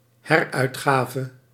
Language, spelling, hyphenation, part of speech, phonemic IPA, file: Dutch, heruitgave, her‧uit‧ga‧ve, noun, /ˈhɛrœytxavə/, Nl-heruitgave.ogg
- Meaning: new edition (e.g. of a book), re-release